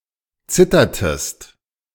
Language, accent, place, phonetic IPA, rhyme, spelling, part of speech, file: German, Germany, Berlin, [ˈt͡sɪtɐtəst], -ɪtɐtəst, zittertest, verb, De-zittertest.ogg
- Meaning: inflection of zittern: 1. second-person singular preterite 2. second-person singular subjunctive II